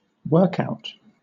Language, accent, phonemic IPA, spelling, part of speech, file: English, Southern England, /ˈwɜːk.aʊ̯t/, workout, noun, LL-Q1860 (eng)-workout.wav
- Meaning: 1. An exercise session; a period of physical exercise 2. A schedule or program of specific exercises, especially one intended to achieve a particular goal